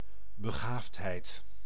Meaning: talent
- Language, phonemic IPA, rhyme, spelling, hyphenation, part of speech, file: Dutch, /bəˈɣaːft.ɦɛi̯t/, -aːftɦɛi̯t, begaafdheid, be‧gaafd‧heid, noun, Nl-begaafdheid.ogg